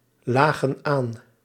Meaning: inflection of aanliggen: 1. plural past indicative 2. plural past subjunctive
- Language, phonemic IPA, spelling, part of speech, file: Dutch, /ˈlaɣə(n) ˈan/, lagen aan, verb, Nl-lagen aan.ogg